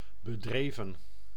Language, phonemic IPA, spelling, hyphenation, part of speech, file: Dutch, /bəˈdreː.və(n)/, bedreven, be‧dre‧ven, adjective / verb, Nl-bedreven.ogg
- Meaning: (adjective) skillful; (verb) 1. inflection of bedrijven: plural past indicative 2. inflection of bedrijven: plural past subjunctive 3. past participle of bedrijven